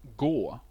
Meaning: 1. to walk 2. to go; to leave 3. to go; to be given or allotted 4. to go; to extend between two points 5. to go; to lead (to) 6. to go; to elapse 7. to go; to start 8. to go; to resort
- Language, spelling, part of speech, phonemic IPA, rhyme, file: Swedish, gå, verb, /ɡoː/, -oː, Sv-gå.ogg